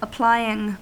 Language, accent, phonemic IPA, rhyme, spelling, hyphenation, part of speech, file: English, US, /əˈplaɪ.ɪŋ/, -aɪɪŋ, applying, ap‧ply‧ing, verb / noun, En-us-applying.ogg
- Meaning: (verb) present participle and gerund of apply; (noun) The act of applying; an application